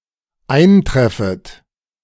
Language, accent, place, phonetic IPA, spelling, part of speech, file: German, Germany, Berlin, [ˈaɪ̯nˌtʁɛfət], eintreffet, verb, De-eintreffet.ogg
- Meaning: second-person plural dependent subjunctive I of eintreffen